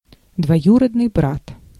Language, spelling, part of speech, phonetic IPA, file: Russian, двоюродный брат, noun, [dvɐˈjurədnɨj ˈbrat], Ru-двоюродный брат.ogg
- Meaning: first cousin (uncle's or aunt's son)